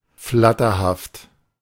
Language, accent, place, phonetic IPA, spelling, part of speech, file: German, Germany, Berlin, [ˈflatɐhaft], flatterhaft, adjective, De-flatterhaft.ogg
- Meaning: 1. flighty, scatterbrained 2. fickle